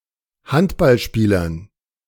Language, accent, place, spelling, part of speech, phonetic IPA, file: German, Germany, Berlin, Handballspielern, noun, [ˈhantbalˌʃpiːlɐn], De-Handballspielern.ogg
- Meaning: dative plural of Handballspieler